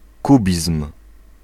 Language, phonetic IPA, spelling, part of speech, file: Polish, [ˈkubʲism̥], kubizm, noun, Pl-kubizm.ogg